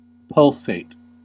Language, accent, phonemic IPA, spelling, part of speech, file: English, US, /ˈpʌl.seɪt/, pulsate, verb, En-us-pulsate.ogg
- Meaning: 1. To expand and contract rhythmically; to throb or to beat, exhibit a pulse 2. To quiver, vibrate, or flash; as to the beat of music